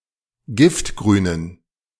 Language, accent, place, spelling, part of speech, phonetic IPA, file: German, Germany, Berlin, giftgrünen, adjective, [ˈɡɪftɡʁyːnən], De-giftgrünen.ogg
- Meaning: inflection of giftgrün: 1. strong genitive masculine/neuter singular 2. weak/mixed genitive/dative all-gender singular 3. strong/weak/mixed accusative masculine singular 4. strong dative plural